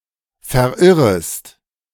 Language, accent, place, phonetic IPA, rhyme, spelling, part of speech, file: German, Germany, Berlin, [fɛɐ̯ˈʔɪʁəst], -ɪʁəst, verirrest, verb, De-verirrest.ogg
- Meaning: second-person singular subjunctive I of verirren